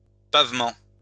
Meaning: 1. paving 2. tiled floor
- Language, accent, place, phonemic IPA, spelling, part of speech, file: French, France, Lyon, /pav.mɑ̃/, pavement, noun, LL-Q150 (fra)-pavement.wav